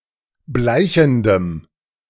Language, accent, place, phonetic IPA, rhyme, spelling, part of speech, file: German, Germany, Berlin, [ˈblaɪ̯çn̩dəm], -aɪ̯çn̩dəm, bleichendem, adjective, De-bleichendem.ogg
- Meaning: strong dative masculine/neuter singular of bleichend